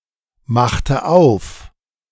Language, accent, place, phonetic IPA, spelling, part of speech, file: German, Germany, Berlin, [ˌmaxtə ˈaʊ̯f], machte auf, verb, De-machte auf.ogg
- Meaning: inflection of aufmachen: 1. first/third-person singular preterite 2. first/third-person singular subjunctive II